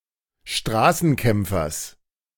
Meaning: genitive singular of Straßenkämpfer
- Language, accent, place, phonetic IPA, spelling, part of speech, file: German, Germany, Berlin, [ˈʃtʁaːsn̩ˌkɛmp͡fɐs], Straßenkämpfers, noun, De-Straßenkämpfers.ogg